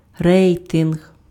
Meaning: rating
- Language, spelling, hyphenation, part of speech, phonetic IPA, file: Ukrainian, рейтинг, рей‧тинг, noun, [ˈrɛi̯tenɦ], Uk-рейтинг.ogg